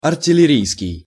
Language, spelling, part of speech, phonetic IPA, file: Russian, артиллерийский, adjective, [ɐrtʲɪlʲɪˈrʲijskʲɪj], Ru-артиллерийский.ogg
- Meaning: artillery